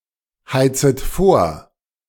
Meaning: second-person plural subjunctive I of vorheizen
- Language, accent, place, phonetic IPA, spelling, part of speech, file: German, Germany, Berlin, [ˌhaɪ̯t͡sət ˈfoːɐ̯], heizet vor, verb, De-heizet vor.ogg